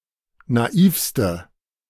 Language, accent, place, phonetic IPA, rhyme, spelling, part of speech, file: German, Germany, Berlin, [naˈiːfstə], -iːfstə, naivste, adjective, De-naivste.ogg
- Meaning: inflection of naiv: 1. strong/mixed nominative/accusative feminine singular superlative degree 2. strong nominative/accusative plural superlative degree